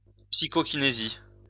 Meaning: psychokinesis
- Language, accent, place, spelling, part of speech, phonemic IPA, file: French, France, Lyon, psychokinésie, noun, /psi.kɔ.ki.ne.zi/, LL-Q150 (fra)-psychokinésie.wav